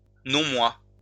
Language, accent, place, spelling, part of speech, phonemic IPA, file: French, France, Lyon, non-moi, noun, /nɔ̃.mwa/, LL-Q150 (fra)-non-moi.wav
- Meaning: nonself